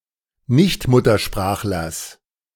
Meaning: genitive singular of Nichtmuttersprachler
- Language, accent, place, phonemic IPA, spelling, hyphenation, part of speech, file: German, Germany, Berlin, /ˈnɪçtˌmʊtɐʃpʁaːxlɐs/, Nichtmuttersprachlers, Nicht‧mut‧ter‧sprach‧lers, noun, De-Nichtmuttersprachlers.ogg